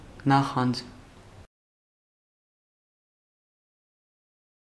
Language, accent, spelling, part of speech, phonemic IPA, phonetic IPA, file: Armenian, Eastern Armenian, նախանձ, noun / adjective, /nɑˈχɑnd͡z/, [nɑχɑ́nd͡z], Hy-նախանձ.ogg
- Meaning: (noun) 1. envy, jealousy 2. envious person; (adjective) envious, jealous